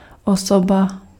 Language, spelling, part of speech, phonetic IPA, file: Czech, osoba, noun, [ˈosoba], Cs-osoba.ogg
- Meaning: person